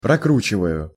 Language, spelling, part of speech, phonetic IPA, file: Russian, прокручиваю, verb, [prɐˈkrut͡ɕɪvəjʊ], Ru-прокручиваю.ogg
- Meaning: first-person singular present indicative imperfective of прокру́чивать (prokrúčivatʹ)